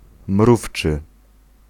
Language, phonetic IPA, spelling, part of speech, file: Polish, [ˈmruft͡ʃɨ], mrówczy, adjective, Pl-mrówczy.ogg